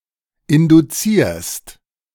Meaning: second-person singular present of induzieren
- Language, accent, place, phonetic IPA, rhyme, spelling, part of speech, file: German, Germany, Berlin, [ˌɪnduˈt͡siːɐ̯st], -iːɐ̯st, induzierst, verb, De-induzierst.ogg